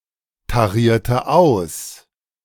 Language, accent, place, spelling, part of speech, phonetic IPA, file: German, Germany, Berlin, tarierte aus, verb, [taˌʁiːɐ̯tə ˈaʊ̯s], De-tarierte aus.ogg
- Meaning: inflection of austarieren: 1. first/third-person singular preterite 2. first/third-person singular subjunctive II